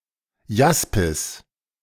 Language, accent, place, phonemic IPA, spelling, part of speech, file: German, Germany, Berlin, /ˈjaspɪs/, Jaspis, noun, De-Jaspis.ogg
- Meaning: jasper